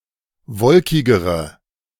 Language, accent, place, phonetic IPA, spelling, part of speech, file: German, Germany, Berlin, [ˈvɔlkɪɡəʁə], wolkigere, adjective, De-wolkigere.ogg
- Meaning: inflection of wolkig: 1. strong/mixed nominative/accusative feminine singular comparative degree 2. strong nominative/accusative plural comparative degree